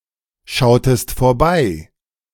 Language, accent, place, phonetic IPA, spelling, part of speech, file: German, Germany, Berlin, [ˌʃaʊ̯təst foːɐ̯ˈbaɪ̯], schautest vorbei, verb, De-schautest vorbei.ogg
- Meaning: inflection of vorbeischauen: 1. second-person singular preterite 2. second-person singular subjunctive II